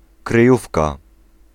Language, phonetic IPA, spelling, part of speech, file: Polish, [krɨˈjufka], kryjówka, noun, Pl-kryjówka.ogg